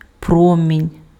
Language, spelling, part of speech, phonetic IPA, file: Ukrainian, промінь, noun, [ˈprɔmʲinʲ], Uk-промінь.ogg
- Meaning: ray, beam (beam of light or radiation)